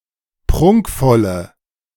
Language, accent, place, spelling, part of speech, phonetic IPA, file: German, Germany, Berlin, prunkvolle, adjective, [ˈpʁʊŋkfɔlə], De-prunkvolle.ogg
- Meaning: inflection of prunkvoll: 1. strong/mixed nominative/accusative feminine singular 2. strong nominative/accusative plural 3. weak nominative all-gender singular